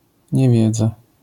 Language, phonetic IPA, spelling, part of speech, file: Polish, [ɲɛˈvʲjɛd͡za], niewiedza, noun, LL-Q809 (pol)-niewiedza.wav